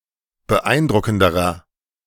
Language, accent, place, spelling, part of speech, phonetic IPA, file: German, Germany, Berlin, beeindruckenderer, adjective, [bəˈʔaɪ̯nˌdʁʊkn̩dəʁɐ], De-beeindruckenderer.ogg
- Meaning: inflection of beeindruckend: 1. strong/mixed nominative masculine singular comparative degree 2. strong genitive/dative feminine singular comparative degree